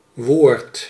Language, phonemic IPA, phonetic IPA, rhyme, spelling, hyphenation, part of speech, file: Dutch, /ʋoːrt/, [ʋʊːrt], -oːrt, woord, woord, noun, Nl-woord.ogg
- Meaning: word